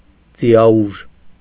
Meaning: horsepower
- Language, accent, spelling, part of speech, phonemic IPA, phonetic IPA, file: Armenian, Eastern Armenian, ձիաուժ, noun, /d͡zijɑˈuʒ/, [d͡zijɑúʒ], Hy-ձիաուժ.ogg